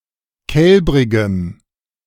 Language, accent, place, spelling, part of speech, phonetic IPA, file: German, Germany, Berlin, kälbrigem, adjective, [ˈkɛlbʁɪɡəm], De-kälbrigem.ogg
- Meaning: strong dative masculine/neuter singular of kälbrig